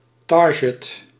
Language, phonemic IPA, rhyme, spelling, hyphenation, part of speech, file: Dutch, /ˈtɑr.ɡət/, -ɑrɡət, target, tar‧get, noun, Nl-target.ogg
- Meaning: target (goal or objective)